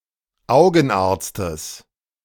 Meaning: genitive singular of Augenarzt
- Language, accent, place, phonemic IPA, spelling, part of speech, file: German, Germany, Berlin, /aʊ̯ɡənˌaːɐ̯t͡stəs/, Augenarztes, noun, De-Augenarztes.ogg